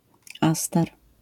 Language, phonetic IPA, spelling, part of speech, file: Polish, [ˈastɛr], aster, noun, LL-Q809 (pol)-aster.wav